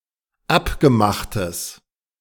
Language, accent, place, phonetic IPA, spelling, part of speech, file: German, Germany, Berlin, [ˈapɡəˌmaxtəs], abgemachtes, adjective, De-abgemachtes.ogg
- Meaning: strong/mixed nominative/accusative neuter singular of abgemacht